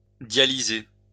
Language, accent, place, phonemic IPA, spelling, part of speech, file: French, France, Lyon, /dja.li.ze/, dialyser, verb, LL-Q150 (fra)-dialyser.wav
- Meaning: to dialyze